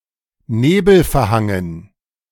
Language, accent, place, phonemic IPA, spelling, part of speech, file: German, Germany, Berlin, /ˈneːbl̩fɛɐ̯ˌhaŋən/, nebelverhangen, adjective, De-nebelverhangen.ogg
- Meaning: fog-shrouded